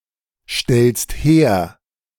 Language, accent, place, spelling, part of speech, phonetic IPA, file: German, Germany, Berlin, stellst her, verb, [ˌʃtɛlst ˈheːɐ̯], De-stellst her.ogg
- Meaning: second-person singular present of herstellen